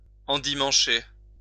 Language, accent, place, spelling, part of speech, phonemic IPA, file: French, France, Lyon, endimancher, verb, /ɑ̃.di.mɑ̃.ʃe/, LL-Q150 (fra)-endimancher.wav
- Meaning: 1. to dress up in one's Sunday best 2. to dress someone to look on their Sunday best